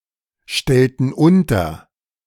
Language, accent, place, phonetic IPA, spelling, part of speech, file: German, Germany, Berlin, [ˌʃtɛltn̩ ˈʊntɐ], stellten unter, verb, De-stellten unter.ogg
- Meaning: inflection of unterstellen: 1. first/third-person plural preterite 2. first/third-person plural subjunctive II